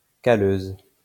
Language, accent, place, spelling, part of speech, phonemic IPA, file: French, France, Lyon, calleuse, adjective, /ka.løz/, LL-Q150 (fra)-calleuse.wav
- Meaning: feminine singular of calleux